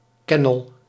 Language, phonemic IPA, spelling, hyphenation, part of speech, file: Dutch, /ˈkɛ.nəl/, kennel, ken‧nel, noun, Nl-kennel.ogg
- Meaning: kennel